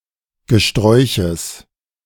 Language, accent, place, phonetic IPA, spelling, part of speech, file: German, Germany, Berlin, [ɡəˈʃtʁɔɪ̯çəs], Gesträuches, noun, De-Gesträuches.ogg
- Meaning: genitive singular of Gesträuch